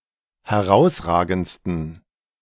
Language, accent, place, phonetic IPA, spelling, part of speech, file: German, Germany, Berlin, [hɛˈʁaʊ̯sˌʁaːɡn̩t͡stən], herausragendsten, adjective, De-herausragendsten.ogg
- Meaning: 1. superlative degree of herausragend 2. inflection of herausragend: strong genitive masculine/neuter singular superlative degree